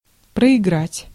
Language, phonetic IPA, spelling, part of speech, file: Russian, [prəɪˈɡratʲ], проиграть, verb, Ru-проиграть.ogg
- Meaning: 1. to lose 2. to play, to play through, to play over